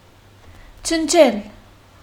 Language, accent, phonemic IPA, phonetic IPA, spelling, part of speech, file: Armenian, Western Armenian, /t͡ʃənˈt͡ʃel/, [t͡ʃʰənt͡ʃʰél], ջնջել, verb, HyW-ջնջել.ogg
- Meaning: 1. to wipe off, to clean, to delete, to erase 2. to destroy, to annihilate 3. to cross, to strike out